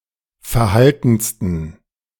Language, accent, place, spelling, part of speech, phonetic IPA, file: German, Germany, Berlin, verhaltensten, adjective, [fɛɐ̯ˈhaltn̩stən], De-verhaltensten.ogg
- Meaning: 1. superlative degree of verhalten 2. inflection of verhalten: strong genitive masculine/neuter singular superlative degree